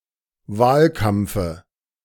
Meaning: dative singular of Wahlkampf
- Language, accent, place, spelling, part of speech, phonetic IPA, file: German, Germany, Berlin, Wahlkampfe, noun, [ˈvaːlˌkamp͡fə], De-Wahlkampfe.ogg